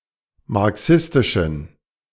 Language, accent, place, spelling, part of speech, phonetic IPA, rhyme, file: German, Germany, Berlin, marxistischen, adjective, [maʁˈksɪstɪʃn̩], -ɪstɪʃn̩, De-marxistischen.ogg
- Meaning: inflection of marxistisch: 1. strong genitive masculine/neuter singular 2. weak/mixed genitive/dative all-gender singular 3. strong/weak/mixed accusative masculine singular 4. strong dative plural